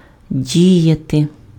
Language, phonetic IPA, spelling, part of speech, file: Ukrainian, [ˈdʲijɐte], діяти, verb, Uk-діяти.ogg
- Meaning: 1. to act, to proceed 2. to operate, to function